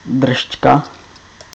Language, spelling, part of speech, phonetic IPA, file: Czech, dršťka, noun, [ˈdr̩ʃcka], Cs-dršťka.ogg
- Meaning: 1. muzzle (the protruding part of many animal's head which includes nose, mouth and jaws) 2. tripe (the lining of the large stomach of ruminating animals, when prepared for food)